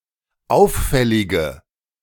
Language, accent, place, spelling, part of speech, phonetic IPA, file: German, Germany, Berlin, auffällige, adjective, [ˈaʊ̯fˌfɛlɪɡə], De-auffällige.ogg
- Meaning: inflection of auffällig: 1. strong/mixed nominative/accusative feminine singular 2. strong nominative/accusative plural 3. weak nominative all-gender singular